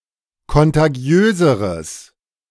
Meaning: strong/mixed nominative/accusative neuter singular comparative degree of kontagiös
- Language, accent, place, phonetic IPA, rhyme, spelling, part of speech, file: German, Germany, Berlin, [kɔntaˈɡi̯øːzəʁəs], -øːzəʁəs, kontagiöseres, adjective, De-kontagiöseres.ogg